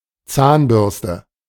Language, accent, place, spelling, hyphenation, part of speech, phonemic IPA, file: German, Germany, Berlin, Zahnbürste, Zahn‧bürs‧te, noun, /ˈt͡saːnˌbʏʁstə/, De-Zahnbürste.ogg
- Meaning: toothbrush